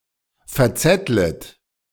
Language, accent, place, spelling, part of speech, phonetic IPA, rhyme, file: German, Germany, Berlin, verzettlet, verb, [fɛɐ̯ˈt͡sɛtlət], -ɛtlət, De-verzettlet.ogg
- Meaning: second-person plural subjunctive I of verzetteln